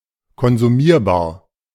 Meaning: consumable
- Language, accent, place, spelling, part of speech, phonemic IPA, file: German, Germany, Berlin, konsumierbar, adjective, /kɔnzuˈmiːɐ̯baːɐ̯/, De-konsumierbar.ogg